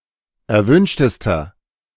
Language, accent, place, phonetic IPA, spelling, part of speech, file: German, Germany, Berlin, [ɛɐ̯ˈvʏnʃtəstɐ], erwünschtester, adjective, De-erwünschtester.ogg
- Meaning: inflection of erwünscht: 1. strong/mixed nominative masculine singular superlative degree 2. strong genitive/dative feminine singular superlative degree 3. strong genitive plural superlative degree